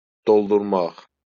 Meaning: 1. to fill 2. to load (with ammunition) 3. to charge (a device)
- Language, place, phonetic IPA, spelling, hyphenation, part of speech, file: Azerbaijani, Baku, [doɫduɾˈmɑx], doldurmaq, dol‧dur‧maq, verb, LL-Q9292 (aze)-doldurmaq.wav